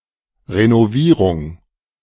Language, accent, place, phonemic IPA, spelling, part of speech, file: German, Germany, Berlin, /ʁenoˈviːʁʊŋ/, Renovierung, noun, De-Renovierung.ogg
- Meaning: renovation